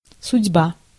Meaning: destiny, fate, doom, fortune, predestination
- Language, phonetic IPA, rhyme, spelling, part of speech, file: Russian, [sʊdʲˈba], -a, судьба, noun, Ru-судьба.ogg